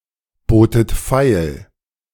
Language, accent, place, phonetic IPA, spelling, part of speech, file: German, Germany, Berlin, [ˌboːtət ˈfaɪ̯l], botet feil, verb, De-botet feil.ogg
- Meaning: second-person plural preterite of feilbieten